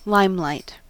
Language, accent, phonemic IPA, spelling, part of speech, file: English, US, /ˈlaɪm.laɪt/, limelight, noun / verb, En-us-limelight.ogg
- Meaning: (noun) The intense white light produced when heating lime in an oxyhydrogen flame